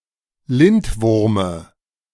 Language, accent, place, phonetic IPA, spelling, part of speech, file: German, Germany, Berlin, [ˈlɪntˌvʊʁmə], Lindwurme, noun, De-Lindwurme.ogg
- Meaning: dative singular of Lindwurm